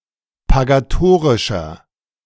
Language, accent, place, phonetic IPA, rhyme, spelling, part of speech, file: German, Germany, Berlin, [paɡaˈtoːʁɪʃɐ], -oːʁɪʃɐ, pagatorischer, adjective, De-pagatorischer.ogg
- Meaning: inflection of pagatorisch: 1. strong/mixed nominative masculine singular 2. strong genitive/dative feminine singular 3. strong genitive plural